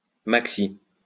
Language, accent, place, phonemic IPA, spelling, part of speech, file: French, France, Lyon, /mak.si/, maxi, adverb, LL-Q150 (fra)-maxi.wav
- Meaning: maximum; maximally